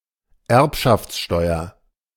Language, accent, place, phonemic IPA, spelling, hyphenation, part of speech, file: German, Germany, Berlin, /ˈɛʁpʃaft͡sˌʃtɔɪ̯ɐ/, Erbschaftssteuer, Erb‧schafts‧steu‧er, noun, De-Erbschaftssteuer.ogg
- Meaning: estate tax